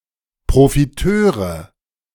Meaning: nominative/accusative/genitive plural of Profiteur
- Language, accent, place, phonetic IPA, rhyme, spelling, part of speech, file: German, Germany, Berlin, [pʁofiˈtøːʁə], -øːʁə, Profiteure, noun, De-Profiteure.ogg